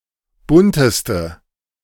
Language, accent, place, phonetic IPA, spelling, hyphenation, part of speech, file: German, Germany, Berlin, [ˈbʊntəstə], bunteste, bun‧tes‧te, adjective, De-bunteste.ogg
- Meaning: inflection of bunt: 1. strong/mixed nominative/accusative feminine singular superlative degree 2. strong nominative/accusative plural superlative degree